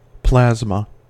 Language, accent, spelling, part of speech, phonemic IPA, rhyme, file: English, US, plasma, noun / verb, /ˈplæzmə/, -æzmə, En-us-plasma.ogg
- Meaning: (noun) 1. A state of matter consisting of partially ionized gas and electrons 2. A clear component of blood or lymph containing fibrin